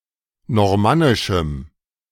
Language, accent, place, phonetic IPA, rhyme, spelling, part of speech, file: German, Germany, Berlin, [nɔʁˈmanɪʃm̩], -anɪʃm̩, normannischem, adjective, De-normannischem.ogg
- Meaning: strong dative masculine/neuter singular of normannisch